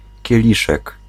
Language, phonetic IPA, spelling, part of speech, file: Polish, [cɛˈlʲiʃɛk], kieliszek, noun, Pl-kieliszek.ogg